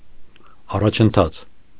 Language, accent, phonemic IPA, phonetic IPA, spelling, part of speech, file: Armenian, Eastern Armenian, /ɑrɑt͡ʃʰənˈtʰɑt͡sʰ/, [ɑrɑt͡ʃʰəntʰɑ́t͡sʰ], առաջընթաց, noun, Hy-առաջընթաց.ogg
- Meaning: progress